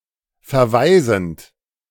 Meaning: present participle of verweisen
- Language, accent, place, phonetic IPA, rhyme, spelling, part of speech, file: German, Germany, Berlin, [fɛɐ̯ˈvaɪ̯zn̩t], -aɪ̯zn̩t, verweisend, verb, De-verweisend.ogg